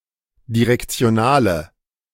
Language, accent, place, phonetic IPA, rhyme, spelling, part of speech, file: German, Germany, Berlin, [diʁɛkt͡si̯oˈnaːlə], -aːlə, direktionale, adjective, De-direktionale.ogg
- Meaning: inflection of direktional: 1. strong/mixed nominative/accusative feminine singular 2. strong nominative/accusative plural 3. weak nominative all-gender singular